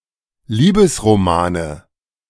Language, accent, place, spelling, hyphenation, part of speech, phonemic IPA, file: German, Germany, Berlin, Liebesromane, Lie‧bes‧ro‧ma‧ne, noun, /ˈliːbəsʁoˌmaːnə/, De-Liebesromane.ogg
- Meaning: nominative/accusative/genitive plural of Liebesroman